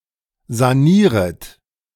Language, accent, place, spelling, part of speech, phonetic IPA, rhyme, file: German, Germany, Berlin, sanieret, verb, [zaˈniːʁət], -iːʁət, De-sanieret.ogg
- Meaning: second-person plural subjunctive I of sanieren